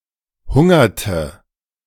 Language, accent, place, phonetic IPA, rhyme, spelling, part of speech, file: German, Germany, Berlin, [ˈhʊŋɐtə], -ʊŋɐtə, hungerte, verb, De-hungerte.ogg
- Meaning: inflection of hungern: 1. first/third-person singular preterite 2. first/third-person singular subjunctive II